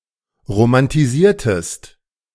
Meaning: inflection of romantisieren: 1. second-person singular preterite 2. second-person singular subjunctive II
- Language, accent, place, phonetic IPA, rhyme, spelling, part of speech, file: German, Germany, Berlin, [ʁomantiˈziːɐ̯təst], -iːɐ̯təst, romantisiertest, verb, De-romantisiertest.ogg